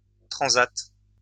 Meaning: transat; deck chair
- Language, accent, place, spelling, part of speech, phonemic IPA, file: French, France, Lyon, transat, noun, /tʁɑ̃.zat/, LL-Q150 (fra)-transat.wav